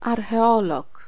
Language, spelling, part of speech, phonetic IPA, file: Polish, archeolog, noun, [ˌarxɛˈɔlɔk], Pl-archeolog.ogg